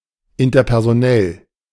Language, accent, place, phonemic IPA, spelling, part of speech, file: German, Germany, Berlin, /ɪntɐpɛʁzoˈnɛl/, interpersonell, adjective, De-interpersonell.ogg
- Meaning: interpersonal